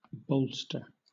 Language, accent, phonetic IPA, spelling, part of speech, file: English, Southern England, [ˈbɒʊlstə], bolster, noun / verb, LL-Q1860 (eng)-bolster.wav
- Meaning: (noun) A large cushion or pillow, usually cylindrical in shape